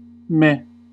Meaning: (adjective) 1. Mediocre; lackluster; unexceptional; uninspiring 2. Apathetic; unenthusiastic; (interjection) Expressing indifference or lack of enthusiasm
- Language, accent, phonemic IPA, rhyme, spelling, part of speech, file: English, US, /mɛ/, -ɛ, meh, adjective / interjection / noun, En-us-meh.ogg